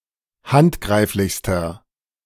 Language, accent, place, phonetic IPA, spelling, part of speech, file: German, Germany, Berlin, [ˈhantˌɡʁaɪ̯flɪçstɐ], handgreiflichster, adjective, De-handgreiflichster.ogg
- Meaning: inflection of handgreiflich: 1. strong/mixed nominative masculine singular superlative degree 2. strong genitive/dative feminine singular superlative degree